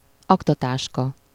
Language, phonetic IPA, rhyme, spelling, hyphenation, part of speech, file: Hungarian, [ˈɒktɒtaːʃkɒ], -kɒ, aktatáska, ak‧ta‧tás‧ka, noun, Hu-aktatáska.ogg
- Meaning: briefcase, attaché case (a case used for carrying documents, especially for business)